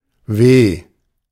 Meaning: 1. psychological suffering; misery, woe 2. physical suffering, pain
- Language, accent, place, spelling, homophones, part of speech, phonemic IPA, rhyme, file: German, Germany, Berlin, Weh, W, noun, /veː/, -eː, De-Weh.ogg